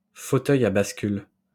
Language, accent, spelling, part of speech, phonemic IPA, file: French, France, fauteuil à bascule, noun, /fo.tœ.j‿a bas.kyl/, LL-Q150 (fra)-fauteuil à bascule.wav
- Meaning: rocking chair (chair with a curved base which can be gently rocked)